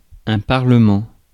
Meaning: 1. parliament 2. a provincial appellate court of the Ancien Régime
- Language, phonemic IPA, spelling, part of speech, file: French, /paʁ.lə.mɑ̃/, parlement, noun, Fr-parlement.ogg